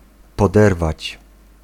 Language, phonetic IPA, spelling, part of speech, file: Polish, [pɔˈdɛrvat͡ɕ], poderwać, verb, Pl-poderwać.ogg